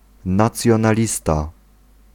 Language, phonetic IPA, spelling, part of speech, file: Polish, [ˌnat͡sʲjɔ̃naˈlʲista], nacjonalista, noun, Pl-nacjonalista.ogg